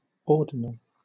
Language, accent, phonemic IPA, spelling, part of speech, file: English, Southern England, /ˈɔː.dɪ.nəl/, ordinal, adjective / noun, LL-Q1860 (eng)-ordinal.wav
- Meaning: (adjective) 1. Indicating position in a sequence 2. Pertaining to a taxon at the rank of order 3. Intercardinal; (noun) An ordinal number such as first, second and third